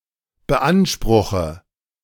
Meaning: inflection of beanspruchen: 1. first-person singular present 2. first/third-person singular subjunctive I 3. singular imperative
- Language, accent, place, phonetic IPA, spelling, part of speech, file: German, Germany, Berlin, [bəˈʔanʃpʁʊxə], beanspruche, verb, De-beanspruche.ogg